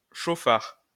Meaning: road hog (reckless or inconsiderate driver of a motor vehicle)
- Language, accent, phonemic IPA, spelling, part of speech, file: French, France, /ʃo.faʁ/, chauffard, noun, LL-Q150 (fra)-chauffard.wav